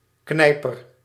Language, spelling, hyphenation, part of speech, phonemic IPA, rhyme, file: Dutch, knijper, knij‧per, noun, /ˈknɛi̯.pər/, -ɛi̯pər, Nl-knijper.ogg
- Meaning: 1. a clothespin 2. the scissors of a crustacean or other arthropod